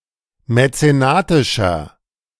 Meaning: 1. comparative degree of mäzenatisch 2. inflection of mäzenatisch: strong/mixed nominative masculine singular 3. inflection of mäzenatisch: strong genitive/dative feminine singular
- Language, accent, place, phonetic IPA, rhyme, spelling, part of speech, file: German, Germany, Berlin, [mɛt͡seˈnaːtɪʃɐ], -aːtɪʃɐ, mäzenatischer, adjective, De-mäzenatischer.ogg